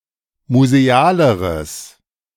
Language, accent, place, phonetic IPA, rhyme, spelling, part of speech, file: German, Germany, Berlin, [muzeˈaːləʁəs], -aːləʁəs, musealeres, adjective, De-musealeres.ogg
- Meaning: strong/mixed nominative/accusative neuter singular comparative degree of museal